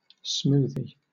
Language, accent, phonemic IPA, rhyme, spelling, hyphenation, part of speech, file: English, Southern England, /ˈsmuːði/, -uːði, smoothie, smoo‧thie, noun, LL-Q1860 (eng)-smoothie.wav
- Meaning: 1. A smooth-talking person 2. A drink made from whole fruit, thus thicker than fruit juice 3. A blending of different things, a mishmash